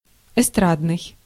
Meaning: variety, vaudeville
- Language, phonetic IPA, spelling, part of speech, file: Russian, [ɪˈstradnɨj], эстрадный, adjective, Ru-эстрадный.ogg